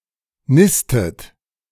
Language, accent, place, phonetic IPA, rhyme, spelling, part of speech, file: German, Germany, Berlin, [ˈnɪstət], -ɪstət, nistet, verb, De-nistet.ogg
- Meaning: inflection of nisten: 1. second-person plural present 2. second-person plural subjunctive I